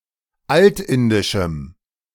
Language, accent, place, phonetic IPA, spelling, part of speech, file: German, Germany, Berlin, [ˈaltˌɪndɪʃm̩], altindischem, adjective, De-altindischem.ogg
- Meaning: strong dative masculine/neuter singular of altindisch